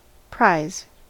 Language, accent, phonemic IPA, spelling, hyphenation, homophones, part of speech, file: English, US, /ˈpɹaɪ̯z/, prize, prize, pries / prise, noun, En-us-prize.ogg
- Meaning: That which is taken from another; something captured; a thing seized by force, stratagem, or superior power